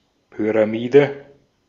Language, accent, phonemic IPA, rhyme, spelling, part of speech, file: German, Austria, /pyraˈmiːdə/, -iːdə, Pyramide, noun, De-at-Pyramide.ogg
- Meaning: pyramid